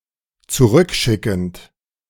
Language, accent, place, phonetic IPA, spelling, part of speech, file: German, Germany, Berlin, [t͡suˈʁʏkˌʃɪkn̩t], zurückschickend, verb, De-zurückschickend.ogg
- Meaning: present participle of zurückschicken